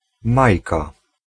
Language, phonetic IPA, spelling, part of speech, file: Polish, [ˈmajka], Majka, proper noun, Pl-Majka.ogg